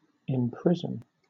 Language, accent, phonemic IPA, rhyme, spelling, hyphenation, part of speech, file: English, Southern England, /ɪmˈpɹɪzən/, -ɪzən, imprison, im‧pris‧on, verb, LL-Q1860 (eng)-imprison.wav
- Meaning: To put in or as if in prison; confine somebody against their will